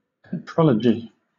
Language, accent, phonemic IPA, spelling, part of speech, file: English, Southern England, /pɪˈtɹɒl.ə.d͡ʒi/, petrology, noun, LL-Q1860 (eng)-petrology.wav
- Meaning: The study of the origin, composition and structure of rock